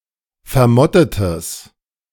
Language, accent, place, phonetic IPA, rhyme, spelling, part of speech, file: German, Germany, Berlin, [fɛɐ̯ˈmɔtətəs], -ɔtətəs, vermottetes, adjective, De-vermottetes.ogg
- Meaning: strong/mixed nominative/accusative neuter singular of vermottet